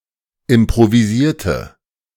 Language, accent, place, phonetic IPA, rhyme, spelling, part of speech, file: German, Germany, Berlin, [ɪmpʁoviˈziːɐ̯tə], -iːɐ̯tə, improvisierte, adjective / verb, De-improvisierte.ogg
- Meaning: inflection of improvisieren: 1. first/third-person singular preterite 2. first/third-person singular subjunctive II